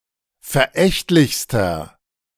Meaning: inflection of verächtlich: 1. strong/mixed nominative masculine singular superlative degree 2. strong genitive/dative feminine singular superlative degree 3. strong genitive plural superlative degree
- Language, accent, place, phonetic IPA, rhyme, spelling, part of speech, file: German, Germany, Berlin, [fɛɐ̯ˈʔɛçtlɪçstɐ], -ɛçtlɪçstɐ, verächtlichster, adjective, De-verächtlichster.ogg